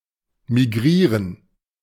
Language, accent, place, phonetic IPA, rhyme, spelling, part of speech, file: German, Germany, Berlin, [miˈɡʁiːʁən], -iːʁən, migrieren, verb, De-migrieren.ogg
- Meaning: to migrate